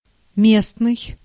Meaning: 1. local 2. locative (relating to the case that expresses location)
- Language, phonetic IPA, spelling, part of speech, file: Russian, [ˈmʲesnɨj], местный, adjective, Ru-местный.ogg